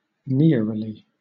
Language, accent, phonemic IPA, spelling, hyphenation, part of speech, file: English, Southern England, /ˈnɪəɹəli/, neroli, ne‧ro‧li, noun, LL-Q1860 (eng)-neroli.wav
- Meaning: More fully neroli oil or oil of neroli: an essential oil distilled from the blossoms of the bitter orange or Seville orange (Citrus × aurantium subsp. amara) used to make perfumes